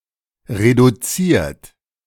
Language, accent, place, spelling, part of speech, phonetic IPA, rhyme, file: German, Germany, Berlin, reduziert, verb, [ʁeduˈt͡siːɐ̯t], -iːɐ̯t, De-reduziert.ogg
- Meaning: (verb) past participle of reduzieren; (adjective) 1. reduced (all senses) 2. shortened; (verb) inflection of reduzieren: 1. third-person singular present 2. second-person plural present